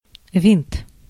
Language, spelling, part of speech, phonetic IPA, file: Russian, винт, noun, [vʲint], Ru-винт.ogg
- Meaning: 1. screw 2. propeller 3. vint (card game, variety of whist) 4. hard disk (from Winchester, the codename of IBM 3340 drive) 5. methamphetamine